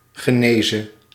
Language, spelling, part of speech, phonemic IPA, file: Dutch, genese, noun, /ɣə.ˈneː.zə/, Nl-genese.ogg
- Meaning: genesis